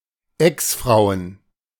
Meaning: plural of Exfrau
- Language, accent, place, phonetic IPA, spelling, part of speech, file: German, Germany, Berlin, [ˈɛksˌfʁaʊ̯ən], Exfrauen, noun, De-Exfrauen.ogg